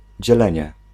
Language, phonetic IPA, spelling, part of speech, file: Polish, [d͡ʑɛˈlɛ̃ɲɛ], dzielenie, noun, Pl-dzielenie.ogg